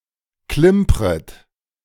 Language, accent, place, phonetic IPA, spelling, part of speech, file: German, Germany, Berlin, [ˈklɪmpʁət], klimpret, verb, De-klimpret.ogg
- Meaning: second-person plural subjunctive I of klimpern